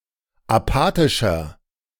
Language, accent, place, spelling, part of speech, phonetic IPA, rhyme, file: German, Germany, Berlin, apathischer, adjective, [aˈpaːtɪʃɐ], -aːtɪʃɐ, De-apathischer.ogg
- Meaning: 1. comparative degree of apathisch 2. inflection of apathisch: strong/mixed nominative masculine singular 3. inflection of apathisch: strong genitive/dative feminine singular